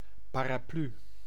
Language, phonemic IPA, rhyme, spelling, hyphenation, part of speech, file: Dutch, /ˌpaː.raːˈply/, -y, paraplu, pa‧ra‧plu, noun, Nl-paraplu.ogg
- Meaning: umbrella